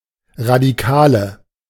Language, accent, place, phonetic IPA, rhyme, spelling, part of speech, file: German, Germany, Berlin, [ʁadiˈkaːlə], -aːlə, Radikale, noun, De-Radikale.ogg
- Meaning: nominative/accusative/genitive plural of Radikaler